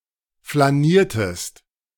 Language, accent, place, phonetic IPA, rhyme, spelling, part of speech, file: German, Germany, Berlin, [flaˈniːɐ̯təst], -iːɐ̯təst, flaniertest, verb, De-flaniertest.ogg
- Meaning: inflection of flanieren: 1. second-person singular preterite 2. second-person singular subjunctive II